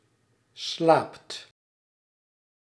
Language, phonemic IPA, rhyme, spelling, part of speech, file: Dutch, /slaːpt/, -aːpt, slaapt, verb, Nl-slaapt.ogg
- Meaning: inflection of slapen: 1. second/third-person singular present indicative 2. plural imperative